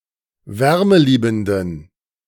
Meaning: inflection of wärmeliebend: 1. strong genitive masculine/neuter singular 2. weak/mixed genitive/dative all-gender singular 3. strong/weak/mixed accusative masculine singular 4. strong dative plural
- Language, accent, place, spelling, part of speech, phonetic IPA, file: German, Germany, Berlin, wärmeliebenden, adjective, [ˈvɛʁməˌliːbn̩dən], De-wärmeliebenden.ogg